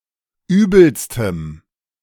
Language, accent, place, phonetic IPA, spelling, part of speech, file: German, Germany, Berlin, [ˈyːbl̩stəm], übelstem, adjective, De-übelstem.ogg
- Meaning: strong dative masculine/neuter singular superlative degree of übel